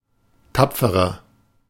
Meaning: inflection of tapfer: 1. strong/mixed nominative masculine singular 2. strong genitive/dative feminine singular 3. strong genitive plural
- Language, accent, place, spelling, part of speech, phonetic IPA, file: German, Germany, Berlin, tapferer, adjective, [ˈtap͡fəʁɐ], De-tapferer.ogg